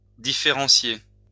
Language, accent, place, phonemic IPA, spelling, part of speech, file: French, France, Lyon, /di.fe.ʁɑ̃.sje/, différentier, verb, LL-Q150 (fra)-différentier.wav
- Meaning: alternative form of différencier